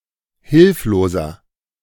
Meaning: inflection of hilflos: 1. strong/mixed nominative masculine singular 2. strong genitive/dative feminine singular 3. strong genitive plural
- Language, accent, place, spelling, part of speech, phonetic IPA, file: German, Germany, Berlin, hilfloser, adjective, [ˈhɪlfloːzɐ], De-hilfloser.ogg